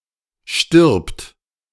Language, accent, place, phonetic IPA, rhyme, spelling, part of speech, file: German, Germany, Berlin, [ʃtɪʁpt], -ɪʁpt, stirbt, verb, De-stirbt.ogg
- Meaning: third-person singular present of sterben